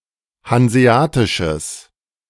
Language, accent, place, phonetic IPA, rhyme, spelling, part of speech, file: German, Germany, Berlin, [hanzeˈaːtɪʃəs], -aːtɪʃəs, hanseatisches, adjective, De-hanseatisches.ogg
- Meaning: strong/mixed nominative/accusative neuter singular of hanseatisch